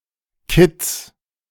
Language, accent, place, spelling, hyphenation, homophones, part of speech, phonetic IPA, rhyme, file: German, Germany, Berlin, Kitts, Kitts, Kitz / Kids, noun, [kɪts], -ɪt͡s, De-Kitts.ogg
- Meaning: genitive singular of Kitt